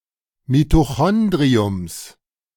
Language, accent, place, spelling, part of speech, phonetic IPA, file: German, Germany, Berlin, Mitochondriums, noun, [mitoˈxɔndʁiʊms], De-Mitochondriums.ogg
- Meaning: plural of Mitochondrium